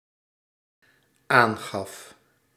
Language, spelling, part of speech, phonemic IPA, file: Dutch, aangaf, verb, /ˈaŋɣɑf/, Nl-aangaf.ogg
- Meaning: singular dependent-clause past indicative of aangeven